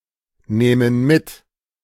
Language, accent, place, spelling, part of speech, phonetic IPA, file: German, Germany, Berlin, nähmen mit, verb, [ˌnɛːmən ˈmɪt], De-nähmen mit.ogg
- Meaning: first-person plural subjunctive II of mitnehmen